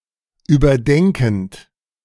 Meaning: present participle of überdenken
- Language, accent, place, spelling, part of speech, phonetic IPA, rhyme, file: German, Germany, Berlin, überdenkend, verb, [yːbɐˈdɛŋkn̩t], -ɛŋkn̩t, De-überdenkend.ogg